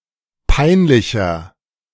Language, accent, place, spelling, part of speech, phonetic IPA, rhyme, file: German, Germany, Berlin, peinlicher, adjective, [ˈpaɪ̯nˌlɪçɐ], -aɪ̯nlɪçɐ, De-peinlicher.ogg
- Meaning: 1. comparative degree of peinlich 2. inflection of peinlich: strong/mixed nominative masculine singular 3. inflection of peinlich: strong genitive/dative feminine singular